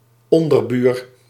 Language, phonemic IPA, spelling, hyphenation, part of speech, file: Dutch, /ˈɔn.dərˌbyːr/, onderbuur, on‧der‧buur, noun, Nl-onderbuur.ogg
- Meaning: downstairs neighbour